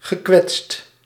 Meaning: past participle of kwetsen
- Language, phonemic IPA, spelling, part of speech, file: Dutch, /ɣəˈkwɛtst/, gekwetst, adjective / verb, Nl-gekwetst.ogg